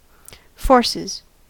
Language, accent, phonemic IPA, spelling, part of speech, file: English, US, /ˈfɔɹ.sɪz/, forces, noun / verb, En-us-forces.ogg
- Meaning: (noun) 1. plural of force 2. Troops 3. The orchestral instrumentation (and voices) used in a musical production; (verb) third-person singular simple present indicative of force